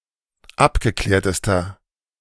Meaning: inflection of abgeklärt: 1. strong/mixed nominative masculine singular superlative degree 2. strong genitive/dative feminine singular superlative degree 3. strong genitive plural superlative degree
- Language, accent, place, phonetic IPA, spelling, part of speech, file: German, Germany, Berlin, [ˈapɡəˌklɛːɐ̯təstɐ], abgeklärtester, adjective, De-abgeklärtester.ogg